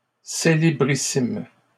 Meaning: superfamous
- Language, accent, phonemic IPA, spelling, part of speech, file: French, Canada, /se.le.bʁi.sim/, célébrissime, adjective, LL-Q150 (fra)-célébrissime.wav